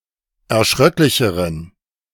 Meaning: inflection of erschröcklich: 1. strong genitive masculine/neuter singular comparative degree 2. weak/mixed genitive/dative all-gender singular comparative degree
- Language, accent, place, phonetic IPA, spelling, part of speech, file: German, Germany, Berlin, [ɛɐ̯ˈʃʁœklɪçəʁən], erschröcklicheren, adjective, De-erschröcklicheren.ogg